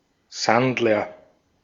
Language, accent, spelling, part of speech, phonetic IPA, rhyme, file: German, Austria, Sandler, noun, [ˈsandlɐ], -andlɐ, De-at-Sandler.ogg
- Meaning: 1. loser, good-for-nothing 2. bum, homeless person, vagrant